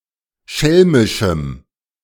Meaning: strong dative masculine/neuter singular of schelmisch
- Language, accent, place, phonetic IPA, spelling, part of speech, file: German, Germany, Berlin, [ˈʃɛlmɪʃm̩], schelmischem, adjective, De-schelmischem.ogg